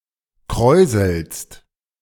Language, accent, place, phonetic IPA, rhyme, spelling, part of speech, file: German, Germany, Berlin, [ˈkʁɔɪ̯zl̩st], -ɔɪ̯zl̩st, kräuselst, verb, De-kräuselst.ogg
- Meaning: second-person singular present of kräuseln